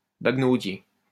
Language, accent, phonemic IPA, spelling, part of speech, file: French, France, /baɡ.no.dje/, baguenaudier, noun, LL-Q150 (fra)-baguenaudier.wav
- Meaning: 1. bladder senna (Colutea arborescens) (masculine only) 2. trifler